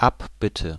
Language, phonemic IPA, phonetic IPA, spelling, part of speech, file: German, /ˈʔapˌbɪtə/, [ˈʔapˌbɪtʰə], Abbitte, noun, De-Abbitte.ogg
- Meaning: apology, request to be forgiven